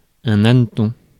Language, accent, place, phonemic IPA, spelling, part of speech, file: French, France, Paris, /an.tɔ̃/, hanneton, noun, Fr-hanneton.ogg
- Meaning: 1. cockchafer, June bug (US) 2. scatterbrain